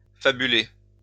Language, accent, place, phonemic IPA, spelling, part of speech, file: French, France, Lyon, /fa.by.le/, fabuler, verb, LL-Q150 (fra)-fabuler.wav
- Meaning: to fantasize